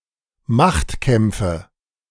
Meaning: nominative/accusative/genitive plural of Machtkampf
- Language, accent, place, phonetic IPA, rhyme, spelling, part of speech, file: German, Germany, Berlin, [ˈmaxtˌkɛmp͡fə], -axtkɛmp͡fə, Machtkämpfe, noun, De-Machtkämpfe.ogg